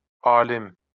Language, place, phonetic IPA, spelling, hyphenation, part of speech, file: Azerbaijani, Baku, [ɑːˈlim], alim, a‧lim, noun, LL-Q9292 (aze)-alim.wav
- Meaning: 1. scholar, scientist 2. a learned person, adept, erudite